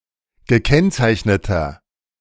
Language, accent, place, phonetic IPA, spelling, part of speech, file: German, Germany, Berlin, [ɡəˈkɛnt͡saɪ̯çnətɐ], gekennzeichneter, adjective, De-gekennzeichneter.ogg
- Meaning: inflection of gekennzeichnet: 1. strong/mixed nominative masculine singular 2. strong genitive/dative feminine singular 3. strong genitive plural